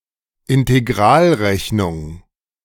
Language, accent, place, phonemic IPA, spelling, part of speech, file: German, Germany, Berlin, /ɪnteˈɡʁaːlˌʁɛçnʊŋ/, Integralrechnung, noun, De-Integralrechnung.ogg
- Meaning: integral calculus (calculus of areas and volumes)